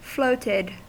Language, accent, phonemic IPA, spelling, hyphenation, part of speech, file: English, US, /ˈfloʊtɪd/, floated, float‧ed, verb, En-us-floated.ogg
- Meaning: simple past and past participle of float